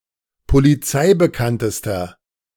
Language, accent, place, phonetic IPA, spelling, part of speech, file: German, Germany, Berlin, [poliˈt͡saɪ̯bəˌkantəstɐ], polizeibekanntester, adjective, De-polizeibekanntester.ogg
- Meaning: inflection of polizeibekannt: 1. strong/mixed nominative masculine singular superlative degree 2. strong genitive/dative feminine singular superlative degree